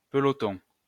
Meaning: 1. small ball (of thread etc.) 2. platoon 3. pack, bunch (of cyclists etc.)
- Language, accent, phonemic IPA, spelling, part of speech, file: French, France, /pə.lɔ.tɔ̃/, peloton, noun, LL-Q150 (fra)-peloton.wav